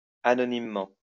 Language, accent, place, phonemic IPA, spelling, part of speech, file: French, France, Lyon, /a.nɔ.nim.mɑ̃/, anonymement, adverb, LL-Q150 (fra)-anonymement.wav
- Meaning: anonymously